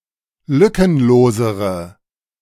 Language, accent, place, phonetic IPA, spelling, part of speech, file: German, Germany, Berlin, [ˈlʏkənˌloːzəʁə], lückenlosere, adjective, De-lückenlosere.ogg
- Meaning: inflection of lückenlos: 1. strong/mixed nominative/accusative feminine singular comparative degree 2. strong nominative/accusative plural comparative degree